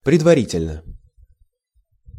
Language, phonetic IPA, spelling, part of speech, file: Russian, [prʲɪdvɐˈrʲitʲɪlʲnə], предварительно, adverb / adjective, Ru-предварительно.ogg
- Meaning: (adverb) preliminarily (in a preliminary manner); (adjective) short neuter singular of предвари́тельный (predvarítelʹnyj)